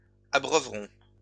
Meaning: third-person plural future of abreuver
- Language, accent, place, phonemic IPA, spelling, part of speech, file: French, France, Lyon, /a.bʁœ.vʁɔ̃/, abreuveront, verb, LL-Q150 (fra)-abreuveront.wav